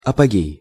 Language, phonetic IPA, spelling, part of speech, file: Russian, [ɐpɐˈɡʲej], апогей, noun, Ru-апогей.ogg
- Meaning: 1. apogee 2. the highest point